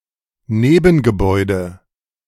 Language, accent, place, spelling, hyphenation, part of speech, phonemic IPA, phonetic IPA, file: German, Germany, Berlin, Nebengebäude, Ne‧ben‧ge‧bäu‧de, noun, /ˈneːbənɡəˌbɔʏ̯də/, [ˈneːbm̩ɡəˌbɔɪ̯də], De-Nebengebäude.ogg
- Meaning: outbuilding